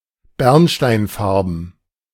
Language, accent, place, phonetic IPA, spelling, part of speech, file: German, Germany, Berlin, [ˈbɛʁnʃtaɪ̯nˌfaʁbn̩], bernsteinfarben, adjective, De-bernsteinfarben.ogg
- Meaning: amber